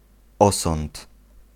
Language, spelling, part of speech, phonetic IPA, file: Polish, osąd, noun, [ˈɔsɔ̃nt], Pl-osąd.ogg